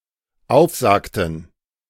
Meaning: inflection of aufsagen: 1. first/third-person plural dependent preterite 2. first/third-person plural dependent subjunctive II
- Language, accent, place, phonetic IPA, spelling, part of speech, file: German, Germany, Berlin, [ˈaʊ̯fˌzaːktn̩], aufsagten, verb, De-aufsagten.ogg